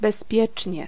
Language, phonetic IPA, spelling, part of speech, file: Polish, [bɛsˈpʲjɛt͡ʃʲɲɛ], bezpiecznie, adverb, Pl-bezpiecznie.ogg